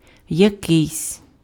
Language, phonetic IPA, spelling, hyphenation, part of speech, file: Ukrainian, [jɐˈkɪi̯sʲ], якийсь, якийсь, determiner, Uk-якийсь.ogg
- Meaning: some, a certain (unspecified or unknown)